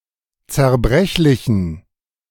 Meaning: inflection of zerbrechlich: 1. strong genitive masculine/neuter singular 2. weak/mixed genitive/dative all-gender singular 3. strong/weak/mixed accusative masculine singular 4. strong dative plural
- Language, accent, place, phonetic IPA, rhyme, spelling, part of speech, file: German, Germany, Berlin, [t͡sɛɐ̯ˈbʁɛçlɪçn̩], -ɛçlɪçn̩, zerbrechlichen, adjective, De-zerbrechlichen.ogg